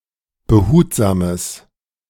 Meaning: strong/mixed nominative/accusative neuter singular of behutsam
- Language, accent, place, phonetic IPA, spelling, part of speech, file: German, Germany, Berlin, [bəˈhuːtzaːməs], behutsames, adjective, De-behutsames.ogg